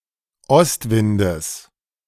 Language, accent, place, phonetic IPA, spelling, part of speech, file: German, Germany, Berlin, [ˈɔstˌvɪndəs], Ostwindes, noun, De-Ostwindes.ogg
- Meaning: genitive singular of Ostwind